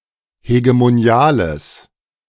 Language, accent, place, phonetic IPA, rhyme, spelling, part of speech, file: German, Germany, Berlin, [heɡemoˈni̯aːləs], -aːləs, hegemoniales, adjective, De-hegemoniales.ogg
- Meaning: strong/mixed nominative/accusative neuter singular of hegemonial